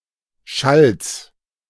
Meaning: genitive singular of Schall
- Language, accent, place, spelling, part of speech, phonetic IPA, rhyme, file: German, Germany, Berlin, Schalls, noun, [ʃals], -als, De-Schalls.ogg